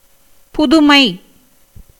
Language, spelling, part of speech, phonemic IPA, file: Tamil, புதுமை, noun, /pʊd̪ʊmɐɪ̯/, Ta-புதுமை.ogg
- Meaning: 1. novelty, newness, freshness 2. innovation 3. wonder, miracle